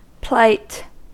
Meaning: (noun) 1. A dire or unfortunate situation 2. A (neutral) condition or state 3. Good health 4. Responsibility for ensuing consequences; risk; danger; peril
- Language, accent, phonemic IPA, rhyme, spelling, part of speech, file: English, US, /plaɪt/, -aɪt, plight, noun / verb, En-us-plight.ogg